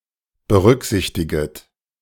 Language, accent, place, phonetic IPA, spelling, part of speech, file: German, Germany, Berlin, [bəˈʁʏkˌzɪçtɪɡət], berücksichtiget, verb, De-berücksichtiget.ogg
- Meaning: second-person plural subjunctive I of berücksichtigen